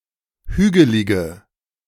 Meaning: inflection of hügelig: 1. strong/mixed nominative/accusative feminine singular 2. strong nominative/accusative plural 3. weak nominative all-gender singular 4. weak accusative feminine/neuter singular
- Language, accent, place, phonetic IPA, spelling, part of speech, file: German, Germany, Berlin, [ˈhyːɡəlɪɡə], hügelige, adjective, De-hügelige.ogg